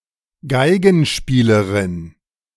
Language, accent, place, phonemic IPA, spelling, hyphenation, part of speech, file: German, Germany, Berlin, /ˈɡaɪ̯ɡənˌʃpiːləʁɪn/, Geigenspielerin, Gei‧gen‧spie‧le‧rin, noun, De-Geigenspielerin.ogg
- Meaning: female equivalent of Geigenspieler (“violinist”)